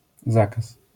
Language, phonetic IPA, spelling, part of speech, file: Polish, [ˈzakas], zakaz, noun, LL-Q809 (pol)-zakaz.wav